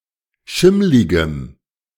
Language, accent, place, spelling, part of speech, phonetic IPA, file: German, Germany, Berlin, schimmligem, adjective, [ˈʃɪmlɪɡəm], De-schimmligem.ogg
- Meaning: strong dative masculine/neuter singular of schimmlig